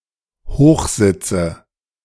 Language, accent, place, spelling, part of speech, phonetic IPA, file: German, Germany, Berlin, Hochsitze, noun, [ˈhoːxˌzɪt͡sə], De-Hochsitze.ogg
- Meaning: nominative/accusative/genitive plural of Hochsitz